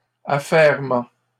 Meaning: bustle, hustle and bustle (an excited activity; a stir)
- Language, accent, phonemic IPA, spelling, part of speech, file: French, Canada, /a.fɛʁ.mɑ̃/, affairement, noun, LL-Q150 (fra)-affairement.wav